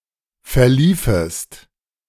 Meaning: second-person singular subjunctive II of verlaufen
- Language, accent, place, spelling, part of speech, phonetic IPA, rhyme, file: German, Germany, Berlin, verliefest, verb, [fɛɐ̯ˈliːfəst], -iːfəst, De-verliefest.ogg